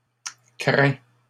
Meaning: inflection of craindre: 1. first/second-person singular present indicative 2. second-person singular imperative
- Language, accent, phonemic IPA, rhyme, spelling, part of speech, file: French, Canada, /kʁɛ̃/, -ɛ̃, crains, verb, LL-Q150 (fra)-crains.wav